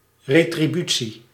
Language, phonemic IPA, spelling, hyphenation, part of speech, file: Dutch, /ˌreː.triˈby.(t)si/, retributie, re‧tri‧bu‧tie, noun, Nl-retributie.ogg
- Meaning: 1. compensation, payment, remuneration 2. ground rent